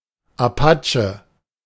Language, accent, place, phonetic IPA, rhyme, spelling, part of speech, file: German, Germany, Berlin, [ʔaˈpa.t͡ʃə], -at͡ʃə, Apache, noun, De-Apache.ogg
- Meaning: 1. Apache (a member of the tribe) 2. Apache, apache (Parisian gangster)